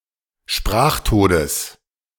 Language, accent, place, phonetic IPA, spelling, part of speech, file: German, Germany, Berlin, [ˈʃpʁaːxˌtoːdəs], Sprachtodes, noun, De-Sprachtodes.ogg
- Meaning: genitive singular of Sprachtod